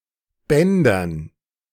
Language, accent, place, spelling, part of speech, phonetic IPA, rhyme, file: German, Germany, Berlin, Bändern, noun, [ˈbɛndɐn], -ɛndɐn, De-Bändern.ogg
- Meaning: dative plural of Band (“tape, ribbon”)